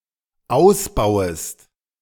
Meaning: second-person singular dependent subjunctive I of ausbauen
- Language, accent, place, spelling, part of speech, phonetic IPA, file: German, Germany, Berlin, ausbauest, verb, [ˈaʊ̯sˌbaʊ̯əst], De-ausbauest.ogg